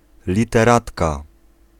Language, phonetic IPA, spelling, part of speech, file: Polish, [ˌlʲitɛˈratka], literatka, noun, Pl-literatka.ogg